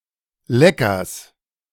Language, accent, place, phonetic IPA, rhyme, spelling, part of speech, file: German, Germany, Berlin, [ˈlɛkɐs], -ɛkɐs, Leckers, noun, De-Leckers.ogg
- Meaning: genitive singular of Lecker